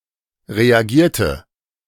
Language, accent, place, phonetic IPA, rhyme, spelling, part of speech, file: German, Germany, Berlin, [ʁeaˈɡiːɐ̯tə], -iːɐ̯tə, reagierte, adjective / verb, De-reagierte.ogg
- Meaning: inflection of reagieren: 1. first/third-person singular preterite 2. first/third-person singular subjunctive II